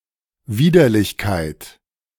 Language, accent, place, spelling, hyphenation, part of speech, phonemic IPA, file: German, Germany, Berlin, Widerlichkeit, Wi‧der‧lich‧keit, noun, /ˈviːdɐlɪçkaɪ̯t/, De-Widerlichkeit.ogg
- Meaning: repulsiveness